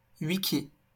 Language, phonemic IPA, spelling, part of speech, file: French, /wi.ki/, wiki, noun, LL-Q150 (fra)-wiki.wav
- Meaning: wiki